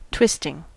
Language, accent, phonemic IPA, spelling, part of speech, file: English, US, /ˈtwɪstɪŋ/, twisting, verb / noun / adjective, En-us-twisting.ogg
- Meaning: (verb) present participle and gerund of twist; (noun) 1. gerund of twist 2. The disreputable practice of selling unnecessary insurance to a customer in order to earn commission